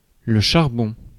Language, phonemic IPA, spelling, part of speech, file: French, /ʃaʁ.bɔ̃/, charbon, noun, Fr-charbon.ogg
- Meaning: 1. coal 2. anthrax 3. smut (range of fungi that cause crop disease); fungus of the genus Ustilago